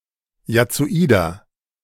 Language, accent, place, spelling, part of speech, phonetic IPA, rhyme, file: German, Germany, Berlin, jazzoider, adjective, [jat͡soˈiːdɐ], -iːdɐ, De-jazzoider.ogg
- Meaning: inflection of jazzoid: 1. strong/mixed nominative masculine singular 2. strong genitive/dative feminine singular 3. strong genitive plural